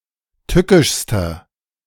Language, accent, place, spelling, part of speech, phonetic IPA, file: German, Germany, Berlin, tückischster, adjective, [ˈtʏkɪʃstɐ], De-tückischster.ogg
- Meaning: inflection of tückisch: 1. strong/mixed nominative masculine singular superlative degree 2. strong genitive/dative feminine singular superlative degree 3. strong genitive plural superlative degree